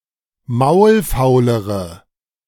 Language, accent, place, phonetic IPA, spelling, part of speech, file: German, Germany, Berlin, [ˈmaʊ̯lˌfaʊ̯ləʁə], maulfaulere, adjective, De-maulfaulere.ogg
- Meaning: inflection of maulfaul: 1. strong/mixed nominative/accusative feminine singular comparative degree 2. strong nominative/accusative plural comparative degree